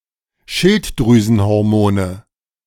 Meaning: nominative/accusative/genitive plural of Schilddrüsenhormon
- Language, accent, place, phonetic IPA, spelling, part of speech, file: German, Germany, Berlin, [ˈʃɪltdʁyːzn̩hɔʁˌmoːnə], Schilddrüsenhormone, noun, De-Schilddrüsenhormone.ogg